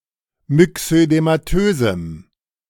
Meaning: strong dative masculine/neuter singular of myxödematös
- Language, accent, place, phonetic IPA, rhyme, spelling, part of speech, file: German, Germany, Berlin, [mʏksødemaˈtøːzm̩], -øːzm̩, myxödematösem, adjective, De-myxödematösem.ogg